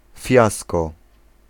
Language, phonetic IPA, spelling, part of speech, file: Polish, [ˈfʲjaskɔ], fiasko, noun, Pl-fiasko.ogg